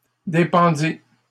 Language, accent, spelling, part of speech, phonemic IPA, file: French, Canada, dépendis, verb, /de.pɑ̃.di/, LL-Q150 (fra)-dépendis.wav
- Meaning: first/second-person singular past historic of dépendre